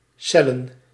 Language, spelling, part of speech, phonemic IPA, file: Dutch, cellen, noun, /ˈsɛlən/, Nl-cellen.ogg
- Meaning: plural of cel